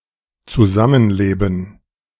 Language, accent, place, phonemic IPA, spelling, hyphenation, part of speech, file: German, Germany, Berlin, /t͡suˈzamənˌleːbn̩/, Zusammenleben, Zu‧sa‧mmen‧le‧ben, noun, De-Zusammenleben.ogg
- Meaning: living together